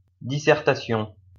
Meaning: dissertation, essay
- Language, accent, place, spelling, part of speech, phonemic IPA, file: French, France, Lyon, dissertation, noun, /di.sɛʁ.ta.sjɔ̃/, LL-Q150 (fra)-dissertation.wav